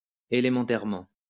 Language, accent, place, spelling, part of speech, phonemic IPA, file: French, France, Lyon, élémentairement, adverb, /e.le.mɑ̃.tɛʁ.mɑ̃/, LL-Q150 (fra)-élémentairement.wav
- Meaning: elementarily